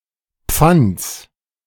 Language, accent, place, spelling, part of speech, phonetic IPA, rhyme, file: German, Germany, Berlin, Pfands, noun, [p͡fant͡s], -ant͡s, De-Pfands.ogg
- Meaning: genitive singular of Pfand